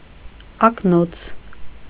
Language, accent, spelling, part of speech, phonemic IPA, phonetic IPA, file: Armenian, Eastern Armenian, ակնոց, noun, /ɑkˈnot͡sʰ/, [ɑknót͡sʰ], Hy-ակնոց.ogg
- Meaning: glasses, spectacles, goggles